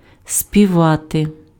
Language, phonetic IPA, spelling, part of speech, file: Ukrainian, [sʲpʲiˈʋate], співати, verb, Uk-співати.ogg
- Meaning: 1. to sing 2. to perform music 3. to twitter, to whistle, to crow, etc 4. to have a nice sound (about musical instrument, bell, toot, etc.) 5. to be in a nice mood, to be excited